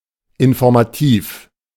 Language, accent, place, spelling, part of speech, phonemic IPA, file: German, Germany, Berlin, informativ, adjective, /ɪnfɔʁmaˈtiːf/, De-informativ.ogg
- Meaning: informative